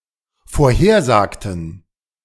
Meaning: inflection of vorhersagen: 1. first/third-person plural dependent preterite 2. first/third-person plural dependent subjunctive II
- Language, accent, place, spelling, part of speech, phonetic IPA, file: German, Germany, Berlin, vorhersagten, verb, [foːɐ̯ˈheːɐ̯ˌzaːktn̩], De-vorhersagten.ogg